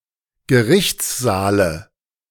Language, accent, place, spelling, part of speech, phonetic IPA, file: German, Germany, Berlin, Gerichtssaale, noun, [ɡəˈʁɪçt͡sˌzaːlə], De-Gerichtssaale.ogg
- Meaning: dative singular of Gerichtssaal